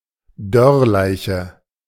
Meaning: mummy
- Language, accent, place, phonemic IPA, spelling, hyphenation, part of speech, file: German, Germany, Berlin, /ˈdœʁˌlaɪ̯çə/, Dörrleiche, Dörr‧lei‧che, noun, De-Dörrleiche.ogg